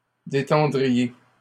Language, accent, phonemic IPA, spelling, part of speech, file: French, Canada, /de.tɑ̃.dʁi.je/, détendriez, verb, LL-Q150 (fra)-détendriez.wav
- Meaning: second-person plural conditional of détendre